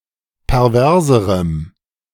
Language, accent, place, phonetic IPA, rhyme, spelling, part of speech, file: German, Germany, Berlin, [pɛʁˈvɛʁzəʁəm], -ɛʁzəʁəm, perverserem, adjective, De-perverserem.ogg
- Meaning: strong dative masculine/neuter singular comparative degree of pervers